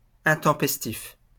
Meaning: untimely, mistimed; inappropriate, inconvenient, unwelcome
- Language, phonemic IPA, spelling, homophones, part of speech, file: French, /ɛ̃.tɑ̃.pɛs.tif/, intempestif, intempestifs, adjective, LL-Q150 (fra)-intempestif.wav